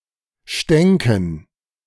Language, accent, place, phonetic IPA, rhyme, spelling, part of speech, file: German, Germany, Berlin, [ˈʃtɛŋkn̩], -ɛŋkn̩, stänken, verb, De-stänken.ogg
- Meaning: first/third-person plural subjunctive II of stinken